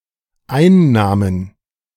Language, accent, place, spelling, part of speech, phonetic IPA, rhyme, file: German, Germany, Berlin, Einnahmen, noun, [ˈaɪ̯nˌnaːmən], -aɪ̯nnaːmən, De-Einnahmen.ogg
- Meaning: plural of Einnahme